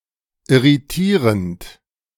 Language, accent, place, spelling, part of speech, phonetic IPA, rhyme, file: German, Germany, Berlin, irritierend, verb, [ɪʁiˈtiːʁənt], -iːʁənt, De-irritierend.ogg
- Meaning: present participle of irritieren